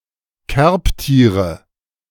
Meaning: nominative/accusative/genitive plural of Kerbtier
- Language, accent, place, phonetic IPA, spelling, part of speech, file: German, Germany, Berlin, [ˈkɛʁpˌtiːʁə], Kerbtiere, noun, De-Kerbtiere.ogg